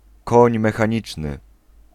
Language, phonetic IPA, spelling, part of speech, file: Polish, [ˈkɔ̃ɲ ˌmɛxãˈɲit͡ʃnɨ], koń mechaniczny, noun, Pl-koń mechaniczny.ogg